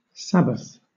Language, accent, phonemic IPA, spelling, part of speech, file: English, Southern England, /ˈsæbəθ/, Sabbath, noun, LL-Q1860 (eng)-Sabbath.wav
- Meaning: 1. Friday, observed in Islam as a day of rest and worship 2. Saturday, observed in Judaism as a day of rest and worship 3. Sunday, observed in Christianity as a day of rest and worship